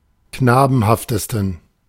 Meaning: 1. superlative degree of knabenhaft 2. inflection of knabenhaft: strong genitive masculine/neuter singular superlative degree
- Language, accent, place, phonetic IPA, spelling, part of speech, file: German, Germany, Berlin, [ˈknaːbn̩haftəstn̩], knabenhaftesten, adjective, De-knabenhaftesten.ogg